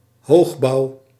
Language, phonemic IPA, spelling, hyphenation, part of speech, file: Dutch, /ˈɦoːx.bɑu̯/, hoogbouw, hoog‧bouw, noun, Nl-hoogbouw.ogg
- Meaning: 1. high-rise buildings 2. high-rise, tall building